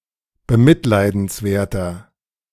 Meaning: 1. comparative degree of bemitleidenswert 2. inflection of bemitleidenswert: strong/mixed nominative masculine singular 3. inflection of bemitleidenswert: strong genitive/dative feminine singular
- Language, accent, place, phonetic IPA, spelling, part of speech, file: German, Germany, Berlin, [bəˈmɪtlaɪ̯dn̩sˌvɛɐ̯tɐ], bemitleidenswerter, adjective, De-bemitleidenswerter.ogg